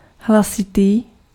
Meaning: loud
- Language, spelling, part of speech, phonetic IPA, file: Czech, hlasitý, adjective, [ˈɦlasɪtiː], Cs-hlasitý.ogg